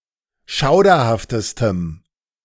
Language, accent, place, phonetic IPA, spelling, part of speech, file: German, Germany, Berlin, [ˈʃaʊ̯dɐhaftəstəm], schauderhaftestem, adjective, De-schauderhaftestem.ogg
- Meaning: strong dative masculine/neuter singular superlative degree of schauderhaft